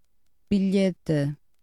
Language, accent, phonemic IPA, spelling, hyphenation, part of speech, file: Portuguese, Portugal, /biˈʎe.tɨ/, bilhete, bi‧lhe‧te, noun, Pt bilhete.ogg
- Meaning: 1. ticket 2. note